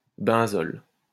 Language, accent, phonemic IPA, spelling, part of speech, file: French, France, /bɛ̃.zɔl/, benzol, noun, LL-Q150 (fra)-benzol.wav
- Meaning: benzol